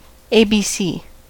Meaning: 1. The English alphabet 2. A type of poem in which the lines start with the letters of the alphabet in order 3. A primer for teaching the Latin alphabet and first elements of reading
- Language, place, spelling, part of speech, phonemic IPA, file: English, California, ABC, noun, /eɪ biː ˈsiː/, En-us-ABC.ogg